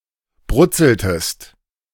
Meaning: inflection of brutzeln: 1. second-person singular preterite 2. second-person singular subjunctive II
- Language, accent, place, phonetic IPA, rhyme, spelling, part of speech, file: German, Germany, Berlin, [ˈbʁʊt͡sl̩təst], -ʊt͡sl̩təst, brutzeltest, verb, De-brutzeltest.ogg